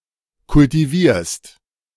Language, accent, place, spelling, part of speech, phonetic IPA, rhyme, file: German, Germany, Berlin, kultivierst, verb, [kʊltiˈviːɐ̯st], -iːɐ̯st, De-kultivierst.ogg
- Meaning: second-person singular present of kultivieren